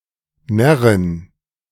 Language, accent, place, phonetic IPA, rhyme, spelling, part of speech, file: German, Germany, Berlin, [ˈnɛʁɪn], -ɛʁɪn, Närrin, noun, De-Närrin.ogg
- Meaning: female equivalent of Narr